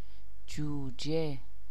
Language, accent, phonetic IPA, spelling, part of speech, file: Persian, Iran, [d͡ʒuː.d͡ʒé], جوجه, noun, Fa-جوجه.ogg
- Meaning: 1. chick (baby bird) 2. chicken 3. cub, young